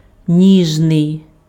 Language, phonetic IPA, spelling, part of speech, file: Ukrainian, [ˈnʲiʒnei̯], ніжний, adjective, Uk-ніжний.ogg
- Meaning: gentle, tender